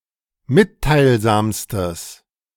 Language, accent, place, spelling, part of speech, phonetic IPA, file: German, Germany, Berlin, mitteilsamstes, adjective, [ˈmɪttaɪ̯lˌzaːmstəs], De-mitteilsamstes.ogg
- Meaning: strong/mixed nominative/accusative neuter singular superlative degree of mitteilsam